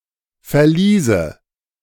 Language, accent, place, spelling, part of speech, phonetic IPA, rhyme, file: German, Germany, Berlin, Verliese, noun, [fɛɐ̯ˈliːzə], -iːzə, De-Verliese.ogg
- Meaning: nominative/accusative/genitive plural of Verlies